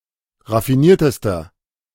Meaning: inflection of raffiniert: 1. strong/mixed nominative masculine singular superlative degree 2. strong genitive/dative feminine singular superlative degree 3. strong genitive plural superlative degree
- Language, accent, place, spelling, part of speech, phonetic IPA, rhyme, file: German, Germany, Berlin, raffiniertester, adjective, [ʁafiˈniːɐ̯təstɐ], -iːɐ̯təstɐ, De-raffiniertester.ogg